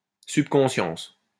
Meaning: subconsciousness, subconscious
- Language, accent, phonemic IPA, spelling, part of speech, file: French, France, /syp.kɔ̃.sjɑ̃s/, subconscience, noun, LL-Q150 (fra)-subconscience.wav